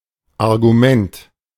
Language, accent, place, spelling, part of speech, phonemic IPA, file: German, Germany, Berlin, Argument, noun, /arɡuˈmɛnt/, De-Argument.ogg
- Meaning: 1. proof, reason, point 2. argument